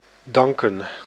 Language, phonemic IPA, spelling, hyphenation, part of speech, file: Dutch, /ˈdɑŋkə(n)/, danken, dan‧ken, verb, Nl-danken.ogg
- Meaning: to thank